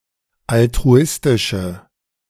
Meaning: inflection of altruistisch: 1. strong/mixed nominative/accusative feminine singular 2. strong nominative/accusative plural 3. weak nominative all-gender singular
- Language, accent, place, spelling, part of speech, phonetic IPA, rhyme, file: German, Germany, Berlin, altruistische, adjective, [altʁuˈɪstɪʃə], -ɪstɪʃə, De-altruistische.ogg